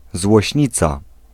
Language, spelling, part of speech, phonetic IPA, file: Polish, złośnica, noun, [zwɔɕˈɲit͡sa], Pl-złośnica.ogg